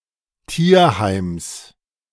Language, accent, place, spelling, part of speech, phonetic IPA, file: German, Germany, Berlin, Tierheims, noun, [ˈtiːɐ̯ˌhaɪ̯ms], De-Tierheims.ogg
- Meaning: genitive singular of Tierheim